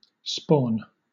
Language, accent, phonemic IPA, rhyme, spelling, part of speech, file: English, Southern England, /spɔːn/, -ɔːn, spawn, verb / noun, LL-Q1860 (eng)-spawn.wav
- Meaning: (verb) 1. To produce or deposit (eggs) in water 2. To generate, bring into being, especially nonmammalian beings in very large numbers 3. To bring forth in general